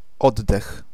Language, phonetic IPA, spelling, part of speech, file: Polish, [ˈɔdːɛx], oddech, noun, Pl-oddech.ogg